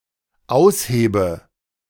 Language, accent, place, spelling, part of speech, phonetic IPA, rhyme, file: German, Germany, Berlin, aushebe, verb, [ˈaʊ̯sˌheːbə], -aʊ̯sheːbə, De-aushebe.ogg
- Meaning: inflection of ausheben: 1. first-person singular dependent present 2. first/third-person singular dependent subjunctive I